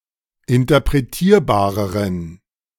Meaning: inflection of interpretierbar: 1. strong genitive masculine/neuter singular comparative degree 2. weak/mixed genitive/dative all-gender singular comparative degree
- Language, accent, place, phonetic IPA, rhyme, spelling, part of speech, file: German, Germany, Berlin, [ɪntɐpʁeˈtiːɐ̯baːʁəʁən], -iːɐ̯baːʁəʁən, interpretierbareren, adjective, De-interpretierbareren.ogg